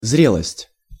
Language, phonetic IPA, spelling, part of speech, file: Russian, [ˈzrʲeɫəsʲtʲ], зрелость, noun, Ru-зрелость.ogg
- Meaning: ripeness, maturity